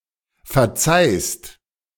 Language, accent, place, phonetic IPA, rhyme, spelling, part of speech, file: German, Germany, Berlin, [fɛɐ̯ˈt͡saɪ̯st], -aɪ̯st, verzeihst, verb, De-verzeihst.ogg
- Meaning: second-person singular present of verzeihen